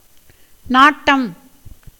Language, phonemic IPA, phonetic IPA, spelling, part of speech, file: Tamil, /nɑːʈːɐm/, [näːʈːɐm], நாட்டம், noun, Ta-நாட்டம்.ogg
- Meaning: 1. keen desire, inclination, interest 2. intention, pursuit, aim, quest 3. examination, investigation 4. suspicion 5. movement 6. eye 7. sight 8. astrology 9. sword 10. chiefship of a district